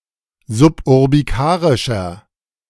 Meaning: inflection of suburbikarisch: 1. strong/mixed nominative masculine singular 2. strong genitive/dative feminine singular 3. strong genitive plural
- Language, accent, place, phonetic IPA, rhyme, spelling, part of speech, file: German, Germany, Berlin, [zʊpʔʊʁbiˈkaːʁɪʃɐ], -aːʁɪʃɐ, suburbikarischer, adjective, De-suburbikarischer.ogg